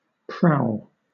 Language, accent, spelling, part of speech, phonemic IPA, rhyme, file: English, Southern England, prowl, verb / noun, /pɹaʊl/, -aʊl, LL-Q1860 (eng)-prowl.wav
- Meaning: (verb) 1. To rove over, through, or about in a stealthy manner; especially, to search in, as for prey or booty 2. To idle; to go about aimlessly 3. To collect by plunder; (noun) The act of prowling